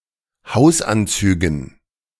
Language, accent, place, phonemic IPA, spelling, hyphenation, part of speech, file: German, Germany, Berlin, /ˈhaʊ̯sˌʔant͡syːɡn̩/, Hausanzügen, Haus‧an‧zü‧gen, noun, De-Hausanzügen.ogg
- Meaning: dative plural of Hausanzug